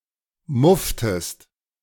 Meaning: inflection of muffen: 1. second-person singular preterite 2. second-person singular subjunctive II
- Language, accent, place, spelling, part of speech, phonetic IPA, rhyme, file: German, Germany, Berlin, mufftest, verb, [ˈmʊftəst], -ʊftəst, De-mufftest.ogg